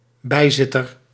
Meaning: Describing various non-voting magistrates: assessor, non-voting councillor
- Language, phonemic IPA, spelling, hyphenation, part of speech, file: Dutch, /ˈbɛi̯ˌzɪ.tər/, bijzitter, bij‧zit‧ter, noun, Nl-bijzitter.ogg